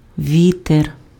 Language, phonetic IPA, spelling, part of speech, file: Ukrainian, [ˈʋʲiter], вітер, noun, Uk-вітер.ogg
- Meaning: wind